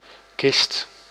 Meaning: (noun) 1. a box, chest 2. a coffin 3. an aeroplane 4. a boot or large shoe, especially an army boot; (verb) inflection of kisten: 1. first/second/third-person singular present indicative 2. imperative
- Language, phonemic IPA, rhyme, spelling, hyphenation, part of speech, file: Dutch, /kɪst/, -ɪst, kist, kist, noun / verb, Nl-kist.ogg